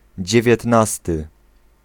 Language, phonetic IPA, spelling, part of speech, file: Polish, [ˌd͡ʑɛvʲjɛtˈnastɨ], dziewiętnasty, adjective / noun, Pl-dziewiętnasty.ogg